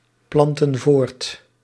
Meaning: inflection of voortplanten: 1. plural present indicative 2. plural present subjunctive
- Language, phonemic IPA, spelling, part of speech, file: Dutch, /ˈplɑntə(n) ˈvort/, planten voort, verb, Nl-planten voort.ogg